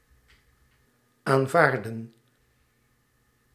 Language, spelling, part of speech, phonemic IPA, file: Dutch, aanvaardden, verb, /aɱˈvardə(n)/, Nl-aanvaardden.ogg
- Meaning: inflection of aanvaarden: 1. plural past indicative 2. plural past subjunctive